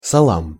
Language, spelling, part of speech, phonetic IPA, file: Russian, салам, noun, [ˈsaɫəm], Ru-салам.ogg
- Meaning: dative plural of са́ло (sálo)